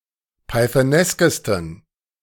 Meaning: 1. superlative degree of pythonesk 2. inflection of pythonesk: strong genitive masculine/neuter singular superlative degree
- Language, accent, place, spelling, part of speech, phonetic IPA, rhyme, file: German, Germany, Berlin, pythoneskesten, adjective, [paɪ̯θəˈnɛskəstn̩], -ɛskəstn̩, De-pythoneskesten.ogg